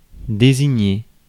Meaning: 1. to designate 2. to indicate (symbol, abbreviation, etc.) 3. to connote (to signify beyond principal meaning)
- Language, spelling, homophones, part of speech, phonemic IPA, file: French, désigner, désignai / désigné / désignée / désignées, verb, /de.zi.ɲe/, Fr-désigner.ogg